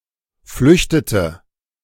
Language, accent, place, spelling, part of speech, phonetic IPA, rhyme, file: German, Germany, Berlin, flüchtete, verb, [ˈflʏçtətə], -ʏçtətə, De-flüchtete.ogg
- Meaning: inflection of flüchten: 1. first/third-person singular preterite 2. first/third-person singular subjunctive II